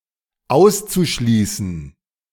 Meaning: zu-infinitive of ausschließen
- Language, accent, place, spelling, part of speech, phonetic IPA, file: German, Germany, Berlin, auszuschließen, verb, [ˈaʊ̯st͡suˌʃliːsn̩], De-auszuschließen.ogg